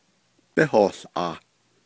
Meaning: second-person duoplural imperfective of yíhoołʼaah
- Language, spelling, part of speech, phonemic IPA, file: Navajo, bíhoołʼaah, verb, /pɪ́hòːɬʔɑ̀ːh/, Nv-bíhoołʼaah.ogg